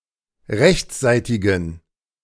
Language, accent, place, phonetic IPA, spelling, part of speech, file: German, Germany, Berlin, [ˈʁɛçt͡sˌzaɪ̯tɪɡn̩], rechtsseitigen, adjective, De-rechtsseitigen.ogg
- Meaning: inflection of rechtsseitig: 1. strong genitive masculine/neuter singular 2. weak/mixed genitive/dative all-gender singular 3. strong/weak/mixed accusative masculine singular 4. strong dative plural